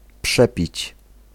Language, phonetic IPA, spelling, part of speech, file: Polish, [ˈpʃɛpʲit͡ɕ], przepić, verb, Pl-przepić.ogg